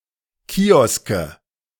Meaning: nominative/accusative/genitive plural of Kiosk
- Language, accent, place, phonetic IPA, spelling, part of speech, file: German, Germany, Berlin, [ˈkiːɔskə], Kioske, noun, De-Kioske.ogg